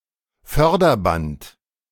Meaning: conveyor belt (especially in a mine)
- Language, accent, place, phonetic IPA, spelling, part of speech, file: German, Germany, Berlin, [ˈfœʁdɐˌbant], Förderband, noun, De-Förderband.ogg